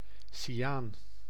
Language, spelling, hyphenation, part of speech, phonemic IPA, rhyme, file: Dutch, cyaan, cy‧aan, noun / adjective, /siˈaːn/, -aːn, Nl-cyaan.ogg
- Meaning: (noun) 1. cyanogen, a blueish, acid, poisonous gas 2. cyan (colour); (adjective) cyan